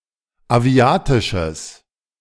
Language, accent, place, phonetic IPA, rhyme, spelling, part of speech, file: German, Germany, Berlin, [aˈvi̯aːtɪʃəs], -aːtɪʃəs, aviatisches, adjective, De-aviatisches.ogg
- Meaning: strong/mixed nominative/accusative neuter singular of aviatisch